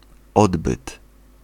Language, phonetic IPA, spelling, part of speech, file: Polish, [ˈɔdbɨt], odbyt, noun, Pl-odbyt.ogg